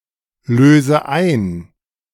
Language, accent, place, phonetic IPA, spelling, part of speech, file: German, Germany, Berlin, [ˌløːzə ˈaɪ̯n], löse ein, verb, De-löse ein.ogg
- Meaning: inflection of einlösen: 1. first-person singular present 2. first/third-person singular subjunctive I 3. singular imperative